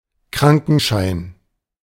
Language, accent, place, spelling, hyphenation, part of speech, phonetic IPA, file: German, Germany, Berlin, Krankenschein, Kran‧ken‧schein, noun, [ˈkʁaŋkn̩ʃaɪ̯n], De-Krankenschein.ogg
- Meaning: 1. certificate of illness, sick note 2. health insurance certificate